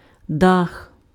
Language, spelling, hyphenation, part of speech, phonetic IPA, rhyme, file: Ukrainian, дах, дах, noun, [dax], -ax, Uk-дах.ogg
- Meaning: roof (the cover at the top of a building)